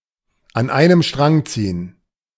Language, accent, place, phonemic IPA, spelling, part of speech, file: German, Germany, Berlin, /an ˈaɪ̯nəm ʃtʁaŋ ˈt͡siːən/, an einem Strang ziehen, verb, De-an einem Strang ziehen.ogg
- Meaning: to pull together, work together